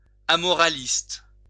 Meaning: amoralist
- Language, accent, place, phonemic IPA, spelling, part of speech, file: French, France, Lyon, /a.mɔ.ʁa.list/, amoraliste, noun, LL-Q150 (fra)-amoraliste.wav